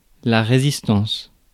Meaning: resistance (all meanings)
- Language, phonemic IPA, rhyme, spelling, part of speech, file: French, /ʁe.zis.tɑ̃s/, -ɑ̃s, résistance, noun, Fr-résistance.ogg